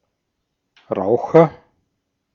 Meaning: agent noun of rauchen; smoker
- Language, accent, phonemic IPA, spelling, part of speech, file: German, Austria, /ˈʁaʊ̯χɐ/, Raucher, noun, De-at-Raucher.ogg